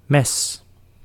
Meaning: 1. knife, cleaver 2. blade
- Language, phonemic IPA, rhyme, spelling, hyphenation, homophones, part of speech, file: Dutch, /mɛs/, -ɛs, mes, mes, Mesch, noun, Nl-mes.ogg